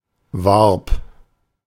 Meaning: first/third-person singular preterite of werben
- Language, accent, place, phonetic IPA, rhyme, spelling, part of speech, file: German, Germany, Berlin, [vaʁp], -aʁp, warb, verb, De-warb.ogg